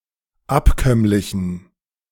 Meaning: inflection of abkömmlich: 1. strong genitive masculine/neuter singular 2. weak/mixed genitive/dative all-gender singular 3. strong/weak/mixed accusative masculine singular 4. strong dative plural
- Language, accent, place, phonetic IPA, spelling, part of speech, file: German, Germany, Berlin, [ˈapˌkœmlɪçn̩], abkömmlichen, adjective, De-abkömmlichen.ogg